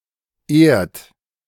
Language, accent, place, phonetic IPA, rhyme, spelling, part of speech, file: German, Germany, Berlin, [eːɐ̯t], -eːɐ̯t, ehrt, verb, De-ehrt.ogg
- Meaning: inflection of ehren: 1. second-person plural present 2. third-person singular present 3. plural imperative